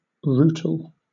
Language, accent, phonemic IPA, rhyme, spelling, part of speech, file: English, Southern England, /ˈɹuːtəl/, -uːtəl, rootle, verb, LL-Q1860 (eng)-rootle.wav
- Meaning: 1. to dig into the ground, with the snout 2. to search for something from a drawer, closet, etc.; to dig out